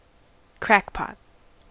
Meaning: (noun) 1. An eccentric, crazy or foolish person 2. Someone addicted to crack cocaine (i.e. a drug addict); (adjective) Eccentric or impractical
- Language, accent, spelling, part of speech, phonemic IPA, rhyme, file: English, US, crackpot, noun / adjective, /ˈkɹæk.pɒt/, -ækpɒt, En-us-crackpot.ogg